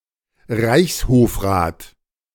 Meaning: the Aulic Council of the Austrian Empire
- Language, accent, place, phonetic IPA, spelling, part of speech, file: German, Germany, Berlin, [ˈʁaɪ̯çshoːfʁaːt], Reichshofrat, noun, De-Reichshofrat.ogg